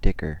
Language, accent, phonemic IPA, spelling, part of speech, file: English, US, /ˈdɪkɚ/, dicker, verb / noun, En-us-dicker.ogg
- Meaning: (verb) 1. To bargain, haggle or negotiate over a sale 2. To barter 3. To fiddle; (noun) A unit of measure, consisting of 10 of some object, particularly hides and skins